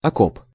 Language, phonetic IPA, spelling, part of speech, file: Russian, [ɐˈkop], окоп, noun, Ru-окоп.ogg
- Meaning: foxhole, dugout, trench